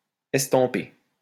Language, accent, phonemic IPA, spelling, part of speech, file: French, France, /ɛs.tɑ̃.pe/, estamper, verb, LL-Q150 (fra)-estamper.wav
- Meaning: 1. to emboss 2. to stamp (mark by pressing quickly and heavily)